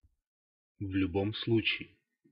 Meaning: in any case, anyway (in any way), whatsoever
- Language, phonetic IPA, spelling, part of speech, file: Russian, [v‿lʲʊˈbom ˈsɫut͡ɕɪje], в любом случае, adverb, Ru-в любом случае.ogg